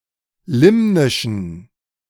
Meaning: inflection of limnisch: 1. strong genitive masculine/neuter singular 2. weak/mixed genitive/dative all-gender singular 3. strong/weak/mixed accusative masculine singular 4. strong dative plural
- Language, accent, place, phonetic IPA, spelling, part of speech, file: German, Germany, Berlin, [ˈlɪmnɪʃn̩], limnischen, adjective, De-limnischen.ogg